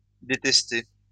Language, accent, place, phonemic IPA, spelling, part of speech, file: French, France, Lyon, /de.tɛs.te/, détesté, verb, LL-Q150 (fra)-détesté.wav
- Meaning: past participle of détester